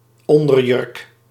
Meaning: a women's undergarment worn under a dress; a slip, a petticoat
- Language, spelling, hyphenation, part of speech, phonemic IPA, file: Dutch, onderjurk, on‧der‧jurk, noun, /ˈɔn.dərˌjʏrk/, Nl-onderjurk.ogg